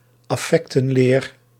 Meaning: doctrine of the affections
- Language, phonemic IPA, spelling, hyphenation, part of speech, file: Dutch, /ɑˈfɛk.tə(n)ˌleːr/, affectenleer, af‧fec‧ten‧leer, noun, Nl-affectenleer.ogg